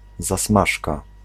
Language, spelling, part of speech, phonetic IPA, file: Polish, zasmażka, noun, [zaˈsmaʃka], Pl-zasmażka.ogg